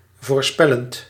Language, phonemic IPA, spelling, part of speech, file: Dutch, /vorˈspɛlənt/, voorspellend, verb / adjective, Nl-voorspellend.ogg
- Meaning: present participle of voorspellen